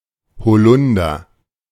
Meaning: 1. elder (plant of the genus Sambucus) 2. black elder, Sambucus nigra
- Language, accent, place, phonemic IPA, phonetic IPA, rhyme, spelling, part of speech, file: German, Germany, Berlin, /hoˈlʊndər/, [hoˈlʊn.dɐ], -ʊndɐ, Holunder, noun, De-Holunder.ogg